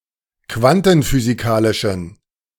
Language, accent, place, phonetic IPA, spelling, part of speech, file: German, Germany, Berlin, [ˈkvantn̩fyːziˌkaːlɪʃn̩], quantenphysikalischen, adjective, De-quantenphysikalischen.ogg
- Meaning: inflection of quantenphysikalisch: 1. strong genitive masculine/neuter singular 2. weak/mixed genitive/dative all-gender singular 3. strong/weak/mixed accusative masculine singular